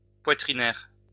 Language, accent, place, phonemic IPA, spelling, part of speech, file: French, France, Lyon, /pwa.tʁi.nɛʁ/, poitrinaire, adjective / noun, LL-Q150 (fra)-poitrinaire.wav
- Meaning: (adjective) consumptive, tubercular, phthisic; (noun) tuberculosis patient, tubercular (person suffering from tuberculosis)